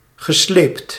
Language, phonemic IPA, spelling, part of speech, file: Dutch, /ɣəˈslept/, gesleept, verb, Nl-gesleept.ogg
- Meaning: past participle of slepen